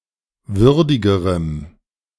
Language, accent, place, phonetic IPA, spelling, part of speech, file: German, Germany, Berlin, [ˈvʏʁdɪɡəʁəm], würdigerem, adjective, De-würdigerem.ogg
- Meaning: strong dative masculine/neuter singular comparative degree of würdig